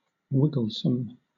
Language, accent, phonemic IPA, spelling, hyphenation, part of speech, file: English, Southern England, /ˈwɪɡl̩səm/, wigglesome, wig‧gle‧some, adjective, LL-Q1860 (eng)-wigglesome.wav
- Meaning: Characterized or marked by wiggling